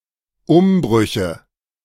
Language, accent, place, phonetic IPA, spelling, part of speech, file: German, Germany, Berlin, [ˈʊmˌbʁʏçə], Umbrüche, noun, De-Umbrüche.ogg
- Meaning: nominative/accusative/genitive plural of Umbruch